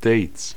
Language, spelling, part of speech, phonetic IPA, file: German, Dates, noun, [deɪt͡s], De-Dates.ogg
- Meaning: plural of Date